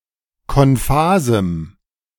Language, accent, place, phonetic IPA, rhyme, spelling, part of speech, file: German, Germany, Berlin, [kɔnˈfaːzm̩], -aːzm̩, konphasem, adjective, De-konphasem.ogg
- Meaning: strong dative masculine/neuter singular of konphas